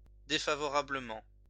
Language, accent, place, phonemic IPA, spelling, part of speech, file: French, France, Lyon, /de.fa.vɔ.ʁa.blə.mɑ̃/, défavorablement, adverb, LL-Q150 (fra)-défavorablement.wav
- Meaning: unfavorably